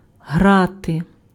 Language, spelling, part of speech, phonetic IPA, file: Ukrainian, грати, verb / noun, [ˈɦrate], Uk-грати.ogg
- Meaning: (verb) 1. to play a musical instrument 2. to play 3. to participate in a game 4. to be in motion all the time, to make quick moves 5. to not take something seriously 6. to effervesce 7. to glimmer